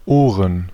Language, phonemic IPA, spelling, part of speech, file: German, /ˈoːrən/, Ohren, noun, De-Ohren.ogg
- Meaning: plural of Ohr (“ears”)